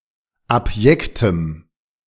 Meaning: strong dative masculine/neuter singular of abjekt
- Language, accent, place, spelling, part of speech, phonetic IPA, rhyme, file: German, Germany, Berlin, abjektem, adjective, [apˈjɛktəm], -ɛktəm, De-abjektem.ogg